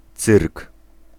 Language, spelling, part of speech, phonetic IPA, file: Polish, cyrk, noun, [t͡sɨrk], Pl-cyrk.ogg